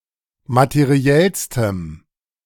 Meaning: strong dative masculine/neuter singular superlative degree of materiell
- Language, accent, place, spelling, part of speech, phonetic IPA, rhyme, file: German, Germany, Berlin, materiellstem, adjective, [matəˈʁi̯ɛlstəm], -ɛlstəm, De-materiellstem.ogg